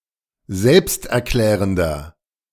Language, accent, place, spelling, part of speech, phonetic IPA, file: German, Germany, Berlin, selbsterklärender, adjective, [ˈzɛlpstʔɛɐ̯ˌklɛːʁəndɐ], De-selbsterklärender.ogg
- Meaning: inflection of selbsterklärend: 1. strong/mixed nominative masculine singular 2. strong genitive/dative feminine singular 3. strong genitive plural